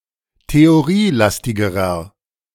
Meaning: inflection of theorielastig: 1. strong/mixed nominative masculine singular comparative degree 2. strong genitive/dative feminine singular comparative degree
- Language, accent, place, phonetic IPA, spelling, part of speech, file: German, Germany, Berlin, [teoˈʁiːˌlastɪɡəʁɐ], theorielastigerer, adjective, De-theorielastigerer.ogg